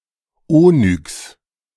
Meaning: onyx
- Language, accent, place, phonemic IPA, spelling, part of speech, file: German, Germany, Berlin, /ˈoːnʏks/, Onyx, noun, De-Onyx.ogg